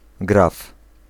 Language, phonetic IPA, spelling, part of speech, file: Polish, [ɡraf], graf, noun, Pl-graf.ogg